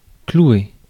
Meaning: 1. to nail (to attach using a nail) 2. to stick (to attach) 3. to pin down 4. to nail, shag, fuck
- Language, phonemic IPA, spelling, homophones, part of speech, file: French, /klu.e/, clouer, clouai / cloué / clouée / clouées / cloués / clouez, verb, Fr-clouer.ogg